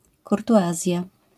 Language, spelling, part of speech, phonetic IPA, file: Polish, kurtuazja, noun, [ˌkurtuˈʷazʲja], LL-Q809 (pol)-kurtuazja.wav